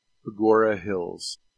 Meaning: A city in Los Angeles County, California, United States
- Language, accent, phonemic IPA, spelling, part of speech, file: English, US, /əˈɡɔːɹə hɪlz/, Agoura Hills, proper noun, En-us-Agoura Hills.ogg